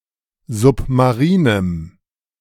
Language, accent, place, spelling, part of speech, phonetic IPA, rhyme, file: German, Germany, Berlin, submarinem, adjective, [ˌzʊpmaˈʁiːnəm], -iːnəm, De-submarinem.ogg
- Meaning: strong dative masculine/neuter singular of submarin